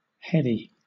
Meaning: 1. Intoxicating or stupefying 2. Tending to upset the mind or senses 3. Exhilarating or exciting; producing a feeling of high energy or confidence
- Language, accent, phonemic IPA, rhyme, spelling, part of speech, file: English, Southern England, /ˈhɛdi/, -ɛdi, heady, adjective, LL-Q1860 (eng)-heady.wav